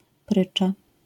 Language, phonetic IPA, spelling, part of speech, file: Polish, [ˈprɨt͡ʃa], prycza, noun, LL-Q809 (pol)-prycza.wav